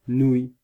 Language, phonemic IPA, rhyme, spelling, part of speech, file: French, /nuj/, -uj, nouille, noun, Fr-nouille.ogg
- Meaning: 1. noodle (string or strip of pasta) 2. dumbhead 3. cock, dick